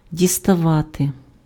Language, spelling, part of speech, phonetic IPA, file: Ukrainian, діставати, verb, [dʲistɐˈʋate], Uk-діставати.ogg
- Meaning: 1. to fetch, to take, to take out 2. to reach, to touch 3. to get, to obtain, to receive